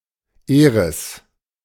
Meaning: Eris (dwarf planet)
- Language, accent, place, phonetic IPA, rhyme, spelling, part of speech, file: German, Germany, Berlin, [ˈeːʁɪs], -eːʁɪs, Eris, proper noun / noun, De-Eris.ogg